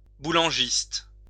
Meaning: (adjective) Boulangist
- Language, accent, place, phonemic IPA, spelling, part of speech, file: French, France, Lyon, /bu.lɑ̃.ʒist/, boulangiste, adjective / noun, LL-Q150 (fra)-boulangiste.wav